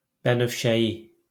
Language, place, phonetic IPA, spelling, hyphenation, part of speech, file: Azerbaijani, Baku, [bænœːʃæˈji], bənövşəyi, bə‧növ‧şə‧yi, adjective, LL-Q9292 (aze)-bənövşəyi.wav
- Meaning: violet